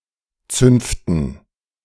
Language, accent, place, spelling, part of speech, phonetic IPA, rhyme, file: German, Germany, Berlin, Zünften, noun, [ˈt͡sʏnftn̩], -ʏnftn̩, De-Zünften.ogg
- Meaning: dative plural of Zunft